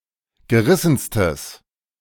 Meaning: strong/mixed nominative/accusative neuter singular superlative degree of gerissen
- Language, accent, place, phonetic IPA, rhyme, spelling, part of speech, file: German, Germany, Berlin, [ɡəˈʁɪsn̩stəs], -ɪsn̩stəs, gerissenstes, adjective, De-gerissenstes.ogg